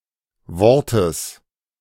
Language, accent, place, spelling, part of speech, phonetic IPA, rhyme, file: German, Germany, Berlin, Wortes, noun, [ˈvɔʁtəs], -ɔʁtəs, De-Wortes.ogg
- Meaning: genitive singular of Wort